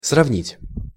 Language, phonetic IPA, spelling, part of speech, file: Russian, [srɐvˈnʲitʲ], сравнить, verb, Ru-сравнить.ogg
- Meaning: to compare